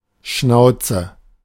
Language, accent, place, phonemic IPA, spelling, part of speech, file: German, Germany, Berlin, /ˈʃnaʊ̯tsə/, Schnauze, noun / interjection, De-Schnauze.ogg
- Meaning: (noun) 1. snout; muzzle 2. mouth; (interjection) shut up!